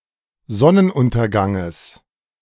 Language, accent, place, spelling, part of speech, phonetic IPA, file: German, Germany, Berlin, Sonnenunterganges, noun, [ˈzɔnənˌʔʊntɐɡaŋəs], De-Sonnenunterganges.ogg
- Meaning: genitive singular of Sonnenuntergang